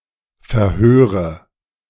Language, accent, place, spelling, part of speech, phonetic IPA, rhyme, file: German, Germany, Berlin, verhöre, verb, [fɛɐ̯ˈhøːʁə], -øːʁə, De-verhöre.ogg
- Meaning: inflection of verhören: 1. first-person singular present 2. first/third-person singular subjunctive I 3. singular imperative